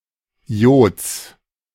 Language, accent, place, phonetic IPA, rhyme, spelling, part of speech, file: German, Germany, Berlin, [i̯oːt͡s], -oːt͡s, Iods, noun, De-Iods.ogg
- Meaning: genitive singular of Iod